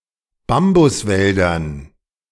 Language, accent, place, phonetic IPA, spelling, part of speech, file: German, Germany, Berlin, [ˈbambʊsˌvɛldɐn], Bambuswäldern, noun, De-Bambuswäldern.ogg
- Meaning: dative plural of Bambuswald